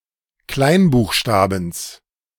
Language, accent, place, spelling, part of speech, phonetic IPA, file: German, Germany, Berlin, Kleinbuchstabens, noun, [ˈklaɪ̯nbuːxˌʃtaːbn̩s], De-Kleinbuchstabens.ogg
- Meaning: genitive of Kleinbuchstabe